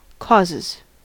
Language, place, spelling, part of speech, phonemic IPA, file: English, California, causes, noun / verb, /ˈkɔzɪz/, En-us-causes.ogg
- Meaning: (noun) plural of cause; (verb) third-person singular simple present indicative of cause